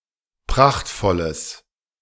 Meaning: strong/mixed nominative/accusative neuter singular of prachtvoll
- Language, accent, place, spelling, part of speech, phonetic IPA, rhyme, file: German, Germany, Berlin, prachtvolles, adjective, [ˈpʁaxtfɔləs], -axtfɔləs, De-prachtvolles.ogg